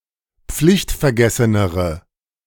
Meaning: inflection of pflichtvergessen: 1. strong/mixed nominative/accusative feminine singular comparative degree 2. strong nominative/accusative plural comparative degree
- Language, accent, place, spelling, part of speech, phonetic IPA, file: German, Germany, Berlin, pflichtvergessenere, adjective, [ˈp͡flɪçtfɛɐ̯ˌɡɛsənəʁə], De-pflichtvergessenere.ogg